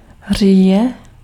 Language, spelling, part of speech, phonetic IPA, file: Czech, říje, noun, [ˈr̝iːjɛ], Cs-říje.ogg
- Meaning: rutting